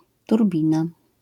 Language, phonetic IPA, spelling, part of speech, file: Polish, [turˈbʲĩna], turbina, noun, LL-Q809 (pol)-turbina.wav